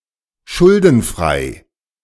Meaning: debtless
- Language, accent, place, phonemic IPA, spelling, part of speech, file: German, Germany, Berlin, /ˈʃʊldn̩ˌfʁaɪ̯/, schuldenfrei, adjective, De-schuldenfrei.ogg